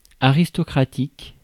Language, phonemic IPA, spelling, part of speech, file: French, /a.ʁis.tɔ.kʁa.tik/, aristocratique, adjective, Fr-aristocratique.ogg
- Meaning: aristocratic